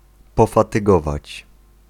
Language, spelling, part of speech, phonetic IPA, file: Polish, pofatygować, verb, [ˌpɔfatɨˈɡɔvat͡ɕ], Pl-pofatygować.ogg